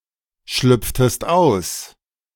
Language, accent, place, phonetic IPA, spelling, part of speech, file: German, Germany, Berlin, [ˌʃlʏp͡ftəst ˈaʊ̯s], schlüpftest aus, verb, De-schlüpftest aus.ogg
- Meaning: inflection of ausschlüpfen: 1. second-person singular preterite 2. second-person singular subjunctive II